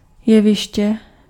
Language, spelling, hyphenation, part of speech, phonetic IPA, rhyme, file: Czech, jeviště, je‧vi‧š‧tě, noun, [ˈjɛvɪʃcɛ], -ɪʃcɛ, Cs-jeviště.ogg
- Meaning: stage